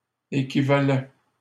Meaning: third-person plural imperfect indicative of équivaloir
- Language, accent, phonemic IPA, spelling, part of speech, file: French, Canada, /e.ki.va.lɛ/, équivalaient, verb, LL-Q150 (fra)-équivalaient.wav